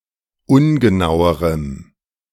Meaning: strong dative masculine/neuter singular comparative degree of ungenau
- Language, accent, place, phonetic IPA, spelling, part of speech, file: German, Germany, Berlin, [ˈʊnɡəˌnaʊ̯əʁəm], ungenauerem, adjective, De-ungenauerem.ogg